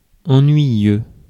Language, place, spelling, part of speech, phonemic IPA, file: French, Paris, ennuyeux, adjective, /ɑ̃.nɥi.jø/, Fr-ennuyeux.ogg
- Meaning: 1. dull, boring, tedious, tiresome, monotonous 2. annoying